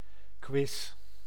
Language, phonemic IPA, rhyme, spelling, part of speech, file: Dutch, /kʋɪs/, -ɪs, quiz, noun, Nl-quiz.ogg
- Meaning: quiz